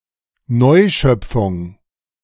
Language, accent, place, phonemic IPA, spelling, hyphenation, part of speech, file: German, Germany, Berlin, /ˈnɔɪ̯ˌʃœp͡fʊŋ/, Neuschöpfung, Neu‧schöp‧fung, noun, De-Neuschöpfung.ogg
- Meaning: 1. recreation, new creation 2. neologism that is not built out of preexisting morphemes